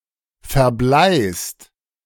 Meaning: second-person singular present of verbleien
- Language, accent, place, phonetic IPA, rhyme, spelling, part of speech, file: German, Germany, Berlin, [fɛɐ̯ˈblaɪ̯st], -aɪ̯st, verbleist, verb, De-verbleist.ogg